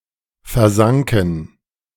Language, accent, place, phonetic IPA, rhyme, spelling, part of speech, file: German, Germany, Berlin, [fɛɐ̯ˈzaŋkn̩], -aŋkn̩, versanken, verb, De-versanken.ogg
- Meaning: first/third-person plural preterite of versinken